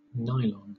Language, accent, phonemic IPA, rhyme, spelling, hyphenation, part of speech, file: English, Southern England, /ˈnaɪlɒn/, -aɪlɒn, nylon, ny‧lon, noun, LL-Q1860 (eng)-nylon.wav